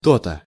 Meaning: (interjection) Aha!, That's it!, There we go! What did I tell you?; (particle) how (emphatic, limited usage)
- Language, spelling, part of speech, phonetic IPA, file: Russian, то-то, interjection / particle, [ˈto‿tə], Ru-то-то.ogg